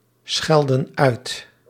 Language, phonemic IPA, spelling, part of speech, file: Dutch, /ˈsxɛldə(n) ˈœyt/, schelden uit, verb, Nl-schelden uit.ogg
- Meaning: inflection of uitschelden: 1. plural present indicative 2. plural present subjunctive